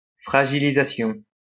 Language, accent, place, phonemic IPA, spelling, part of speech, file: French, France, Lyon, /fʁa.ʒi.li.za.sjɔ̃/, fragilisation, noun, LL-Q150 (fra)-fragilisation.wav
- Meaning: 1. weakening 2. embrittlement